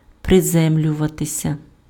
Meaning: to land, to touch down, to alight (descend onto a surface, especially from the air)
- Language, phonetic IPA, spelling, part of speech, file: Ukrainian, [preˈzɛmlʲʊʋɐtesʲɐ], приземлюватися, verb, Uk-приземлюватися.ogg